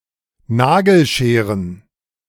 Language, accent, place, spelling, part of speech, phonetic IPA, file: German, Germany, Berlin, Nagelscheren, noun, [ˈnaɡl̩ˌʃeːʁən], De-Nagelscheren.ogg
- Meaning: plural of Nagelschere